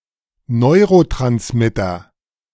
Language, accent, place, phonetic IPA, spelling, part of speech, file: German, Germany, Berlin, [ˈnɔɪ̯ʁotʁansmɪtɐ], Neurotransmitter, noun, De-Neurotransmitter.ogg
- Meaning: neurotransmitter